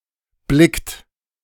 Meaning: inflection of blicken: 1. third-person singular present 2. second-person plural present 3. plural imperative
- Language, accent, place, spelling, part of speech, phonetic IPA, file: German, Germany, Berlin, blickt, verb, [ˈblɪkt], De-blickt.ogg